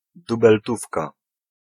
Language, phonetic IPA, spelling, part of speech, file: Polish, [ˌdubɛlˈtufka], dubeltówka, noun, Pl-dubeltówka.ogg